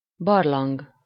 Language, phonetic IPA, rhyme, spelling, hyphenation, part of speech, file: Hungarian, [ˈbɒrlɒŋɡ], -ɒŋɡ, barlang, bar‧lang, noun, Hu-barlang.ogg
- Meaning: 1. cave 2. den